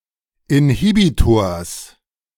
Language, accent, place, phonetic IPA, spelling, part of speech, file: German, Germany, Berlin, [ɪnˈhiːbitoːɐ̯s], Inhibitors, noun, De-Inhibitors.ogg
- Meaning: genitive singular of Inhibitor